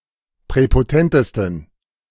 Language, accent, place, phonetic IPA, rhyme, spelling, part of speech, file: German, Germany, Berlin, [pʁɛpoˈtɛntəstn̩], -ɛntəstn̩, präpotentesten, adjective, De-präpotentesten.ogg
- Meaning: 1. superlative degree of präpotent 2. inflection of präpotent: strong genitive masculine/neuter singular superlative degree